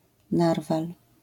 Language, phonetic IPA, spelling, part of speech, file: Polish, [ˈnarval], narwal, noun, LL-Q809 (pol)-narwal.wav